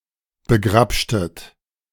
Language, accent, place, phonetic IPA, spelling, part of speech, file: German, Germany, Berlin, [bəˈɡʁapʃtət], begrabschtet, verb, De-begrabschtet.ogg
- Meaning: inflection of begrabschen: 1. second-person plural preterite 2. second-person plural subjunctive II